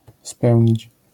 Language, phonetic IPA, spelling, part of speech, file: Polish, [ˈspɛwʲɲit͡ɕ], spełnić, verb, LL-Q809 (pol)-spełnić.wav